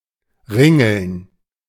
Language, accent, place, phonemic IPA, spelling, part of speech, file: German, Germany, Berlin, /ˈʁɪŋəln/, ringeln, verb, De-ringeln.ogg
- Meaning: 1. to twine, entwine, to curl 2. to curl